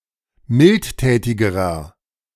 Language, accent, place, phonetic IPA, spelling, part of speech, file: German, Germany, Berlin, [ˈmɪltˌtɛːtɪɡəʁɐ], mildtätigerer, adjective, De-mildtätigerer.ogg
- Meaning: inflection of mildtätig: 1. strong/mixed nominative masculine singular comparative degree 2. strong genitive/dative feminine singular comparative degree 3. strong genitive plural comparative degree